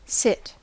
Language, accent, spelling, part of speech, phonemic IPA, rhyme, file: English, US, sit, verb / noun, /sɪt/, -ɪt, En-us-sit.ogg
- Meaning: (verb) 1. To be in a position in which the upper body is upright and supported by the buttocks 2. To move oneself into such a position 3. To occupy a given position